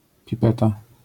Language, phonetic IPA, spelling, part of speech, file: Polish, [pʲiˈpɛta], pipeta, noun, LL-Q809 (pol)-pipeta.wav